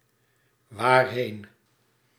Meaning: whither, to where (separable)
- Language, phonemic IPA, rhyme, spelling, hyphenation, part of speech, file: Dutch, /ʋaːrˈɦeːn/, -eːn, waarheen, waar‧heen, adverb, Nl-waarheen.ogg